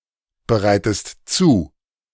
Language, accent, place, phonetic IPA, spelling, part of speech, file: German, Germany, Berlin, [bəˌʁaɪ̯təst ˈt͡suː], bereitest zu, verb, De-bereitest zu.ogg
- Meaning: inflection of zubereiten: 1. second-person singular present 2. second-person singular subjunctive I